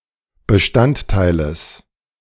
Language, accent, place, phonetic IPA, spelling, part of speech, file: German, Germany, Berlin, [bəˈʃtantˌtaɪ̯ləs], Bestandteiles, noun, De-Bestandteiles.ogg
- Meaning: genitive singular of Bestandteil